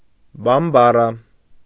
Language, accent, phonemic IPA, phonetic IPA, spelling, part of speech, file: Armenian, Eastern Armenian, /bɑmbɑˈɾɑ/, [bɑmbɑɾɑ́], բամբարա, noun, Hy-բամբարա.ogg
- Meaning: Bambara (language)